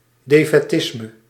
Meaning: defeatism, acceptance of defeat or other misery without struggle
- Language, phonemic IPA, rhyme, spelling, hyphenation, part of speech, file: Dutch, /deː.fɛˈtɪs.mə/, -ɪsmə, defaitisme, de‧fai‧tis‧me, noun, Nl-defaitisme.ogg